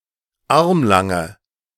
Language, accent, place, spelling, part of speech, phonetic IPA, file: German, Germany, Berlin, armlange, adjective, [ˈaʁmlaŋə], De-armlange.ogg
- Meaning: inflection of armlang: 1. strong/mixed nominative/accusative feminine singular 2. strong nominative/accusative plural 3. weak nominative all-gender singular 4. weak accusative feminine/neuter singular